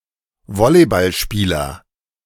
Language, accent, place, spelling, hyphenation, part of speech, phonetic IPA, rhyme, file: German, Germany, Berlin, Volleyballspieler, Vol‧ley‧ball‧spie‧ler, noun, [ˈvɔlibalˌʃpiːlɐ], -iːlɐ, De-Volleyballspieler.ogg
- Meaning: volleyball player, volleyballer (male or of unspecified sex)